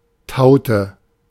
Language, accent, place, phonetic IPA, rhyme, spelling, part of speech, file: German, Germany, Berlin, [ˈtaʊ̯tə], -aʊ̯tə, taute, verb, De-taute.ogg
- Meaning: inflection of tauen: 1. first/third-person singular preterite 2. first/third-person singular subjunctive II